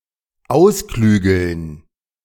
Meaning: to devise, to work out
- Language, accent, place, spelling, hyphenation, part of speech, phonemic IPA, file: German, Germany, Berlin, ausklügeln, aus‧klü‧geln, verb, /ˈaʊ̯sˌklyːɡl̩n/, De-ausklügeln.ogg